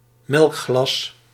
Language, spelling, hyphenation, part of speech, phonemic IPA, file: Dutch, melkglas, melk‧glas, noun, /ˈmɛlk.xlɑs/, Nl-melkglas.ogg
- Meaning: 1. milk glass, white opal glass 2. milk glass, glass from which one drinks milk